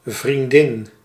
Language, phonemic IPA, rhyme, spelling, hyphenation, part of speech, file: Dutch, /vrinˈdɪn/, -ɪn, vriendin, vrien‧din, noun, Nl-vriendin.ogg
- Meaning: 1. female friend 2. girlfriend (unmarried female romantic partner)